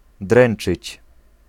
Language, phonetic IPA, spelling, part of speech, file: Polish, [ˈdrɛ̃n͇t͡ʃɨt͡ɕ], dręczyć, verb, Pl-dręczyć.ogg